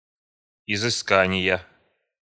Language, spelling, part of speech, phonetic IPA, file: Russian, изыскания, noun, [ɪzɨˈskanʲɪjə], Ru-изыскания.ogg
- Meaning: inflection of изыска́ние (izyskánije): 1. genitive singular 2. nominative/accusative plural